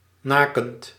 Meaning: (adjective) naked; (verb) present participle of naken
- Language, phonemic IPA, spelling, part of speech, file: Dutch, /ˈnakənt/, nakend, verb / adjective, Nl-nakend.ogg